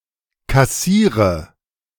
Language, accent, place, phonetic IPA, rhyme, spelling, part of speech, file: German, Germany, Berlin, [kaˈsiːʁə], -iːʁə, kassiere, verb, De-kassiere.ogg
- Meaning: inflection of kassieren: 1. first-person singular present 2. singular imperative 3. first/third-person singular subjunctive I